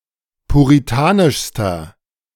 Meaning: inflection of puritanisch: 1. strong/mixed nominative masculine singular superlative degree 2. strong genitive/dative feminine singular superlative degree 3. strong genitive plural superlative degree
- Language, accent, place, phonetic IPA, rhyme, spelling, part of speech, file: German, Germany, Berlin, [puʁiˈtaːnɪʃstɐ], -aːnɪʃstɐ, puritanischster, adjective, De-puritanischster.ogg